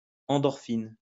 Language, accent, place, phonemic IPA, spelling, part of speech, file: French, France, Lyon, /ɑ̃.dɔʁ.fin/, endorphine, noun, LL-Q150 (fra)-endorphine.wav
- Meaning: endorphin